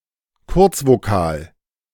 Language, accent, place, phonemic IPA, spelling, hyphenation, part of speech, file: German, Germany, Berlin, /ˈkʊʁt͡svoˌkaːl/, Kurzvokal, Kurz‧vo‧kal, noun, De-Kurzvokal.ogg
- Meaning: short vowel